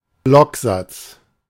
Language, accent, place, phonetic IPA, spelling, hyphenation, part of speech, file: German, Germany, Berlin, [ˈblɔkˌzat͡s], Blocksatz, Block‧satz, noun, De-Blocksatz.ogg
- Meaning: justification, justified alignment